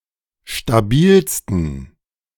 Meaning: 1. superlative degree of stabil 2. inflection of stabil: strong genitive masculine/neuter singular superlative degree
- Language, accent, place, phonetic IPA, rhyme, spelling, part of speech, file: German, Germany, Berlin, [ʃtaˈbiːlstn̩], -iːlstn̩, stabilsten, adjective, De-stabilsten.ogg